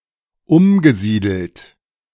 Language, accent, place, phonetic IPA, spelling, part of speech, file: German, Germany, Berlin, [ˈʊmɡəˌziːdl̩t], umgesiedelt, verb, De-umgesiedelt.ogg
- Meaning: past participle of umsiedeln